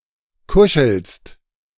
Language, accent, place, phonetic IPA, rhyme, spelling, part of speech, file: German, Germany, Berlin, [ˈkʊʃl̩st], -ʊʃl̩st, kuschelst, verb, De-kuschelst.ogg
- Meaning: second-person singular present of kuscheln